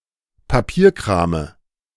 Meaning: dative of Papierkram
- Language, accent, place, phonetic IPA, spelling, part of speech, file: German, Germany, Berlin, [paˈpiːɐ̯kʁaːmə], Papierkrame, noun, De-Papierkrame.ogg